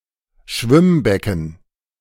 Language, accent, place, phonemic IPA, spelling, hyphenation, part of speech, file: German, Germany, Berlin, /ˈʃvɪmˌbɛkn̩/, Schwimmbecken, Schwimm‧be‧cken, noun, De-Schwimmbecken.ogg
- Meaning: swimming pool